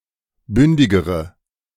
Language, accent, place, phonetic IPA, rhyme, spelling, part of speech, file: German, Germany, Berlin, [ˈbʏndɪɡəʁə], -ʏndɪɡəʁə, bündigere, adjective, De-bündigere.ogg
- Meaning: inflection of bündig: 1. strong/mixed nominative/accusative feminine singular comparative degree 2. strong nominative/accusative plural comparative degree